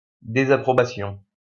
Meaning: disapproval, disapprobation
- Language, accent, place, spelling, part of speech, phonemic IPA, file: French, France, Lyon, désapprobation, noun, /de.za.pʁɔ.ba.sjɔ̃/, LL-Q150 (fra)-désapprobation.wav